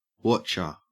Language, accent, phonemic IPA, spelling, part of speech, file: English, Australia, /ˈwɒt͡ʃə/, wotcher, interjection / contraction, En-au-wotcher.ogg
- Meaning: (interjection) A friendly greeting; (contraction) 1. Contraction of what + do + you 2. Contraction of what + you 3. Contraction of what + are + you 4. Contraction of what + have + you